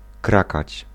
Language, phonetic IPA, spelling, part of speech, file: Polish, [ˈkrakat͡ɕ], krakać, verb, Pl-krakać.ogg